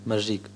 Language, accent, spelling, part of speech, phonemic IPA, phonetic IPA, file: Armenian, Eastern Armenian, մրրիկ, noun, /məɾˈɾik/, [məɹːík], Hy-մրրիկ.ogg
- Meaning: 1. storm, hurricane 2. whirlwind